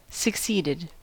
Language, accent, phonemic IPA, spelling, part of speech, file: English, US, /səkˈsiːdɪd/, succeeded, verb, En-us-succeeded.ogg
- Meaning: simple past and past participle of succeed